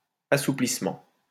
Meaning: 1. relaxation 2. softening
- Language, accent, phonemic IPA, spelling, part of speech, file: French, France, /a.su.plis.mɑ̃/, assouplissement, noun, LL-Q150 (fra)-assouplissement.wav